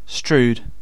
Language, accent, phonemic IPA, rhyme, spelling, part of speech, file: English, UK, /stɹuːd/, -uːd, strewed, verb, En-uk-Strewed.ogg
- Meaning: 1. simple past of strew 2. past participle of strew